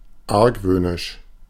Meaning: suspicious, leery
- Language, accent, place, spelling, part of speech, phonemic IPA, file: German, Germany, Berlin, argwöhnisch, adjective, /ˈaʁkvøːnɪʃ/, De-argwöhnisch.ogg